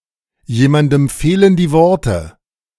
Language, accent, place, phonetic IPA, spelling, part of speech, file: German, Germany, Berlin, [ˌjeːmandm̩ ˈfeːlən diː ˈvɔʁtə], jemandem fehlen die Worte, phrase, De-jemandem fehlen die Worte.ogg
- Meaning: words fail someone, lost for words, at a loss for words